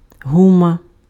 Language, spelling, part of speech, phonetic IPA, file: Ukrainian, гума, noun, [ˈɦumɐ], Uk-гума.ogg
- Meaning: 1. rubber (pliable material derived from the sap of the rubber tree) 2. products made of rubber